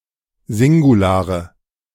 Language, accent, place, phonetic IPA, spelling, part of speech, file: German, Germany, Berlin, [ˈzɪŋɡuˌlaːʁə], Singulare, noun, De-Singulare.ogg
- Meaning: nominative/accusative/genitive plural of Singular